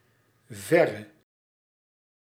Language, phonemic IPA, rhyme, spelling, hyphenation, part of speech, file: Dutch, /ˈvɛ.rə/, -ɛrə, verre, ver‧re, adverb / adjective, Nl-verre.ogg
- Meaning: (adverb) archaic form of ver; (adjective) inflection of ver: 1. masculine/feminine singular attributive 2. definite neuter singular attributive 3. plural attributive